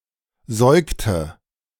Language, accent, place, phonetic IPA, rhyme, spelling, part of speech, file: German, Germany, Berlin, [ˈzɔɪ̯ktə], -ɔɪ̯ktə, säugte, verb, De-säugte.ogg
- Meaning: inflection of säugen: 1. first/third-person singular preterite 2. first/third-person singular subjunctive II